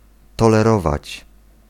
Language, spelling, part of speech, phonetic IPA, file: Polish, tolerować, verb, [ˌtɔlɛˈrɔvat͡ɕ], Pl-tolerować.ogg